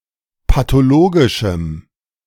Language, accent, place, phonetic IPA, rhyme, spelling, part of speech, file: German, Germany, Berlin, [patoˈloːɡɪʃm̩], -oːɡɪʃm̩, pathologischem, adjective, De-pathologischem.ogg
- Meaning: strong dative masculine/neuter singular of pathologisch